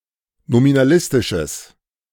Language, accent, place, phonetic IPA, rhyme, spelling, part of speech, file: German, Germany, Berlin, [nominaˈlɪstɪʃəs], -ɪstɪʃəs, nominalistisches, adjective, De-nominalistisches.ogg
- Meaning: strong/mixed nominative/accusative neuter singular of nominalistisch